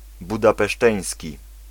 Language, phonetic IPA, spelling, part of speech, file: Polish, [ˌbudapɛˈʃtɛ̃j̃sʲci], budapeszteński, adjective, Pl-budapeszteński.ogg